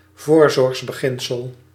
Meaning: precaution principle
- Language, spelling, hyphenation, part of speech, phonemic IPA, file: Dutch, voorzorgsbeginsel, voor‧zorgs‧be‧gin‧sel, noun, /ˈvoːr.zɔrxs.bəˌɣɪn.səl/, Nl-voorzorgsbeginsel.ogg